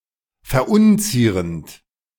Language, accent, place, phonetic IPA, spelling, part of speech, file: German, Germany, Berlin, [fɛɐ̯ˈʔʊnˌt͡siːʁənt], verunzierend, verb, De-verunzierend.ogg
- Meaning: present participle of verunzieren